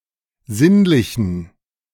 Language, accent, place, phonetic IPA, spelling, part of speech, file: German, Germany, Berlin, [ˈzɪnlɪçn̩], sinnlichen, adjective, De-sinnlichen.ogg
- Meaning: inflection of sinnlich: 1. strong genitive masculine/neuter singular 2. weak/mixed genitive/dative all-gender singular 3. strong/weak/mixed accusative masculine singular 4. strong dative plural